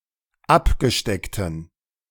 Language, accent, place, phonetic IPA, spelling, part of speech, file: German, Germany, Berlin, [ˈapɡəˌʃtɛktn̩], abgesteckten, adjective, De-abgesteckten.ogg
- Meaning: inflection of abgesteckt: 1. strong genitive masculine/neuter singular 2. weak/mixed genitive/dative all-gender singular 3. strong/weak/mixed accusative masculine singular 4. strong dative plural